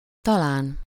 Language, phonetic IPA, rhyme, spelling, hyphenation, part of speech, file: Hungarian, [ˈtɒlaːn], -aːn, talán, ta‧lán, adverb, Hu-talán.ogg
- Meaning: maybe, perhaps